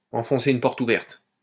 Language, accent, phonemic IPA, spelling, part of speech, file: French, France, /ɑ̃.fɔ̃.se yn pɔʁt u.vɛʁt/, enfoncer une porte ouverte, verb, LL-Q150 (fra)-enfoncer une porte ouverte.wav
- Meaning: alternative form of enfoncer des portes ouvertes